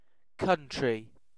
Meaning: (noun) The territory of a nation; a sovereign state or a region once independent and still distinct in institutions, language, etc
- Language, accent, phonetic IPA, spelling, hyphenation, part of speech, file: English, UK, [ˈkʰʌnt̠ɹ̠̊˔ʷi], country, coun‧try, noun / adjective, En-uk-country.ogg